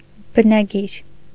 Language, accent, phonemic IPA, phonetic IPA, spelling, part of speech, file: Armenian, Eastern Armenian, /bənɑˈɡiɾ/, [bənɑɡíɾ], բնագիր, noun, Hy-բնագիր.ogg
- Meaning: 1. original (of a text) 2. epigraph